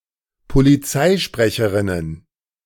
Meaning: plural of Polizeisprecherin
- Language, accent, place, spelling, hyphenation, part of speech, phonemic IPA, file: German, Germany, Berlin, Polizeisprecherinnen, Po‧li‧zei‧spre‧che‧rin‧nen, noun, /poliˈt͡saɪ̯ˌʃpʁɛçəʁɪnən/, De-Polizeisprecherinnen.ogg